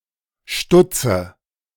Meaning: inflection of stutzen: 1. first-person singular present 2. first/third-person singular subjunctive I 3. singular imperative
- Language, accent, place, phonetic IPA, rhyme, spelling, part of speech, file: German, Germany, Berlin, [ˈʃtʊt͡sə], -ʊt͡sə, stutze, verb, De-stutze.ogg